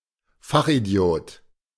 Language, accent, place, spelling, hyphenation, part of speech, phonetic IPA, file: German, Germany, Berlin, Fachidiot, Fach‧idi‧ot, noun, [ˈfaχ(ʔ)iˌdi̯oːt], De-Fachidiot.ogg
- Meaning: fachidiot (a specialist expert who is ignorant outside of their specialty)